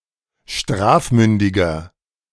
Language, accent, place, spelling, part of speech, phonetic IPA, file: German, Germany, Berlin, strafmündiger, adjective, [ˈʃtʁaːfˌmʏndɪɡɐ], De-strafmündiger.ogg
- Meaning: inflection of strafmündig: 1. strong/mixed nominative masculine singular 2. strong genitive/dative feminine singular 3. strong genitive plural